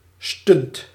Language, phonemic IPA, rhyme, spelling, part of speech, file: Dutch, /stʏnt/, -ʏnt, stunt, noun / verb, Nl-stunt.ogg
- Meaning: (noun) stunt; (verb) inflection of stunten: 1. first/second/third-person singular present indicative 2. imperative